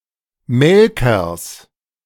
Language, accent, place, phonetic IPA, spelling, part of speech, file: German, Germany, Berlin, [ˈmɛlkɐs], Melkers, noun, De-Melkers.ogg
- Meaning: genitive of Melker